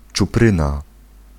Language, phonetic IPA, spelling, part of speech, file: Polish, [t͡ʃuˈprɨ̃na], czupryna, noun, Pl-czupryna.ogg